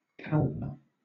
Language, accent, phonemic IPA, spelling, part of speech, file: English, Southern England, /ˈkælvə/, calva, noun, LL-Q1860 (eng)-calva.wav
- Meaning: 1. The calvaria; the dome or roof of the skull 2. Calvados, an apple brandy made in France, or a glass of this brandy